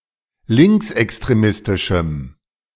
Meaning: strong dative masculine/neuter singular of linksextremistisch
- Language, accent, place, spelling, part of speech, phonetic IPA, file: German, Germany, Berlin, linksextremistischem, adjective, [ˈlɪŋksʔɛkstʁeˌmɪstɪʃm̩], De-linksextremistischem.ogg